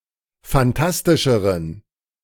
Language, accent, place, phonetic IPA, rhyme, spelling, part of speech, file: German, Germany, Berlin, [fanˈtastɪʃəʁən], -astɪʃəʁən, fantastischeren, adjective, De-fantastischeren.ogg
- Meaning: inflection of fantastisch: 1. strong genitive masculine/neuter singular comparative degree 2. weak/mixed genitive/dative all-gender singular comparative degree